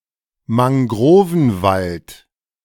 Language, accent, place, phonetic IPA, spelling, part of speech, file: German, Germany, Berlin, [maŋˈɡʁoːvn̩ˌvalt], Mangrovenwald, noun, De-Mangrovenwald.ogg
- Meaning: mangrove forest